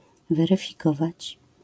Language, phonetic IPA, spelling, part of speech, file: Polish, [ˌvɛrɨfʲiˈkɔvat͡ɕ], weryfikować, verb, LL-Q809 (pol)-weryfikować.wav